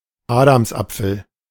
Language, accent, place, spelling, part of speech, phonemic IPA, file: German, Germany, Berlin, Adamsapfel, noun, /ˈaːdamsˌʔap͡fl̩/, De-Adamsapfel.ogg
- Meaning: Adam's apple